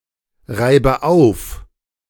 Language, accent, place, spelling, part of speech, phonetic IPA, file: German, Germany, Berlin, reibe auf, verb, [ˌʁaɪ̯bə ˈaʊ̯f], De-reibe auf.ogg
- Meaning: inflection of aufreiben: 1. first-person singular present 2. first/third-person singular subjunctive I 3. singular imperative